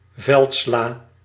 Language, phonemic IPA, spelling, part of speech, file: Dutch, /ˈvɛltslaː/, veldsla, noun, Nl-veldsla.ogg
- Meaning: mâche (Valerianella locusta, plant and vegetable)